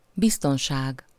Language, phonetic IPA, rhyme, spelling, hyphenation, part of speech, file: Hungarian, [ˈbistonʃaːɡ], -aːɡ, biztonság, biz‧ton‧ság, noun, Hu-biztonság.ogg
- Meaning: safety, security